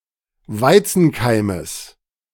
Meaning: genitive singular of Weizenkeim
- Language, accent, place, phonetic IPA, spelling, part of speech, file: German, Germany, Berlin, [ˈvaɪ̯t͡sn̩ˌkaɪ̯məs], Weizenkeimes, noun, De-Weizenkeimes.ogg